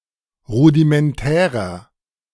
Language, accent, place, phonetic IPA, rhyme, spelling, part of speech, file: German, Germany, Berlin, [ˌʁudimɛnˈtɛːʁɐ], -ɛːʁɐ, rudimentärer, adjective, De-rudimentärer.ogg
- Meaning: 1. comparative degree of rudimentär 2. inflection of rudimentär: strong/mixed nominative masculine singular 3. inflection of rudimentär: strong genitive/dative feminine singular